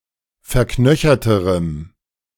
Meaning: strong dative masculine/neuter singular comparative degree of verknöchert
- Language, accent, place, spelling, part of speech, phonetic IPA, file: German, Germany, Berlin, verknöcherterem, adjective, [fɛɐ̯ˈknœçɐtəʁəm], De-verknöcherterem.ogg